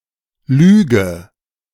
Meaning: inflection of lügen: 1. first-person singular present 2. first/third-person singular subjunctive I 3. singular imperative
- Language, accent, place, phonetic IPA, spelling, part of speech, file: German, Germany, Berlin, [ˈlyːɡə], lüge, verb, De-lüge.ogg